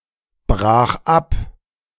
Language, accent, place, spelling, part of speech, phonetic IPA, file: German, Germany, Berlin, brach ab, verb, [ˌbʁaːx ˈap], De-brach ab.ogg
- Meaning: first/third-person singular preterite of abbrechen